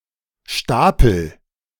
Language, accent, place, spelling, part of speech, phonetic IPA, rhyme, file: German, Germany, Berlin, stapel, verb, [ˈʃtaːpl̩], -aːpl̩, De-stapel.ogg
- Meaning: inflection of stapeln: 1. first-person singular present 2. singular imperative